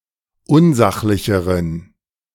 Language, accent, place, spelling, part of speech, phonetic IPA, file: German, Germany, Berlin, unsachlicheren, adjective, [ˈʊnˌzaxlɪçəʁən], De-unsachlicheren.ogg
- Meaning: inflection of unsachlich: 1. strong genitive masculine/neuter singular comparative degree 2. weak/mixed genitive/dative all-gender singular comparative degree